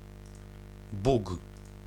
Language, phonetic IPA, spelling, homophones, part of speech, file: Polish, [buk], Bug, Bóg / bóg / buk, proper noun, Pl-Bug.ogg